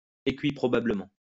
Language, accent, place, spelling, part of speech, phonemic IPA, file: French, France, Lyon, équiprobablement, adverb, /e.ki.pʁɔ.ba.blə.mɑ̃/, LL-Q150 (fra)-équiprobablement.wav
- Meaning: equiprobably